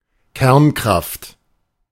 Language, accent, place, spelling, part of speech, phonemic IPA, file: German, Germany, Berlin, Kernkraft, noun, /ˈkɛʁnˌkʁaft/, De-Kernkraft.ogg
- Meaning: 1. nuclear power (power from nuclear reactions) 2. nuclear force, nuclear interaction (strong interaction as well as weak interaction and nucleon-nucleon interaction)